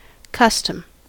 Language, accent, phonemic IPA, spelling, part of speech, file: English, US, /ˈkʌstəm/, custom, noun / adjective / verb, En-us-custom.ogg
- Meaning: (noun) Frequent repetition of the same behavior; way of behavior common to many; ordinary manner; habitual practice; method of doing, living or behaving